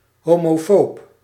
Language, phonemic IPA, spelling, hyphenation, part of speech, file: Dutch, /ˌɦoː.moːˈfoːp/, homofoob, ho‧mo‧foob, noun / adjective, Nl-homofoob.ogg
- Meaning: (noun) homophobe; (adjective) homophobic